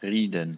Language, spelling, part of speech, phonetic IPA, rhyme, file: German, Rieden, noun, [ˈʁiːdn̩], -iːdn̩, De-Rieden.ogg
- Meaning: dative plural of Ried